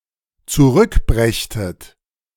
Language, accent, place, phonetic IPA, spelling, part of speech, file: German, Germany, Berlin, [t͡suˈʁʏkˌbʁɛçtət], zurückbrächtet, verb, De-zurückbrächtet.ogg
- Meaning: second-person plural dependent subjunctive II of zurückbringen